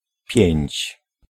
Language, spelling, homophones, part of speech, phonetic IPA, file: Polish, pięć, piędź, adjective / noun, [pʲjɛ̇̃ɲt͡ɕ], Pl-pięć.ogg